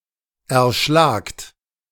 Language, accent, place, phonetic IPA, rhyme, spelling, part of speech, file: German, Germany, Berlin, [ɛɐ̯ˈʃlaːkt], -aːkt, erschlagt, verb, De-erschlagt.ogg
- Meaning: second-person plural present of erschlagen